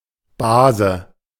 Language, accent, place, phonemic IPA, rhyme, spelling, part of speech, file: German, Germany, Berlin, /ˈbaːzə/, -aːzə, Base, noun, De-Base.ogg
- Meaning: 1. A female cousin 2. paternal aunt 3. base (compound that will neutralize an acid)